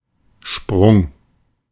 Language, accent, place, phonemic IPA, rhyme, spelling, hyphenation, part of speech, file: German, Germany, Berlin, /ʃpʁʊŋ/, -ʊŋ, Sprung, Sprung, noun, De-Sprung.ogg
- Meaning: 1. jump, leap 2. crack